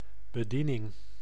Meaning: 1. attendance, service 2. maintenance, service 3. operation 4. last rites
- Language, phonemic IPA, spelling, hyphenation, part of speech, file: Dutch, /bəˈdinɪŋ/, bediening, be‧die‧ning, noun, Nl-bediening.ogg